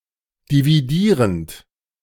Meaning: present participle of dividieren
- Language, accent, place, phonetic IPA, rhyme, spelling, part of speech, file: German, Germany, Berlin, [diviˈdiːʁənt], -iːʁənt, dividierend, verb, De-dividierend.ogg